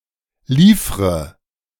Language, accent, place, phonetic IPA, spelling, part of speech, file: German, Germany, Berlin, [ˈliːfʁə], liefre, verb, De-liefre.ogg
- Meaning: inflection of liefern: 1. first-person singular present 2. first/third-person singular subjunctive I 3. singular imperative